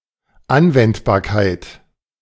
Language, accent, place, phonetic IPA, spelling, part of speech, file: German, Germany, Berlin, [ˈanvɛntbaːɐ̯kaɪ̯t], Anwendbarkeit, noun, De-Anwendbarkeit.ogg
- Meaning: applicability